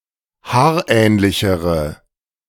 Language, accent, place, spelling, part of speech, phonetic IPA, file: German, Germany, Berlin, haarähnlichere, adjective, [ˈhaːɐ̯ˌʔɛːnlɪçəʁə], De-haarähnlichere.ogg
- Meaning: inflection of haarähnlich: 1. strong/mixed nominative/accusative feminine singular comparative degree 2. strong nominative/accusative plural comparative degree